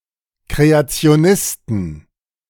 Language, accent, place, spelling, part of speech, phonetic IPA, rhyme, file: German, Germany, Berlin, Kreationisten, noun, [kʁeat͡si̯oˈnɪstn̩], -ɪstn̩, De-Kreationisten.ogg
- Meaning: inflection of Kreationist: 1. genitive/dative/accusative singular 2. nominative/genitive/dative/accusative plural